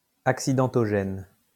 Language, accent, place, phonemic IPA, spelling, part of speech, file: French, France, Lyon, /ak.si.dɑ̃.tɔ.ʒɛn/, accidentogène, adjective, LL-Q150 (fra)-accidentogène.wav
- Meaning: 1. hazardous 2. accident-prone